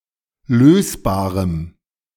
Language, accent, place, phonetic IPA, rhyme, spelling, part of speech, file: German, Germany, Berlin, [ˈløːsbaːʁəm], -øːsbaːʁəm, lösbarem, adjective, De-lösbarem.ogg
- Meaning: strong dative masculine/neuter singular of lösbar